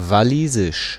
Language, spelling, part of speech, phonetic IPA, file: German, Walisisch, proper noun, [vaˈliː.zɪʃ], De-Walisisch.ogg
- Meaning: Welsh (language)